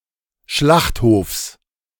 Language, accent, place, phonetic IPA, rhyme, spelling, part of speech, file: German, Germany, Berlin, [ˈʃlaxthoːfs], -axthoːfs, Schlachthofs, noun, De-Schlachthofs.ogg
- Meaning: genitive singular of Schlachthof